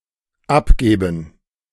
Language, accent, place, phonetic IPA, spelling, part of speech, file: German, Germany, Berlin, [ˈapˌɡɛːbn̩], abgäben, verb, De-abgäben.ogg
- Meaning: first/third-person plural dependent subjunctive II of abgeben